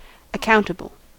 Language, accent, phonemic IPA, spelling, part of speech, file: English, US, /əˈkaʊntəbl̩/, accountable, adjective, En-us-accountable.ogg
- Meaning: 1. Obliged, when called upon, to answer (for one’s deeds); answerable 2. Obliged to keep accurate records (of property or funds) 3. Liable to be called on to render an account